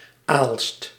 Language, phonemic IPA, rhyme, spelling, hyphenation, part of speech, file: Dutch, /aːlst/, -aːlst, Aalst, Aalst, proper noun, Nl-Aalst.ogg
- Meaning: 1. Aalst (a city in East Flanders, Flanders, Belgium) 2. Aalst (an arrondissement of East Flanders, Flanders, Belgium) 3. a village and former municipality of Zaltbommel, Gelderland, Netherlands